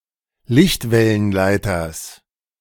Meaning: genitive singular of Lichtwellenleiter
- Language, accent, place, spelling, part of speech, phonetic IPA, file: German, Germany, Berlin, Lichtwellenleiters, noun, [ˈlɪçtvɛlənˌlaɪ̯tɐs], De-Lichtwellenleiters.ogg